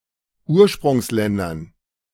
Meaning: dative plural of Ursprungsland
- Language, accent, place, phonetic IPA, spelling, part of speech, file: German, Germany, Berlin, [ˈuːɐ̯ʃpʁʊŋsˌlɛndɐn], Ursprungsländern, noun, De-Ursprungsländern.ogg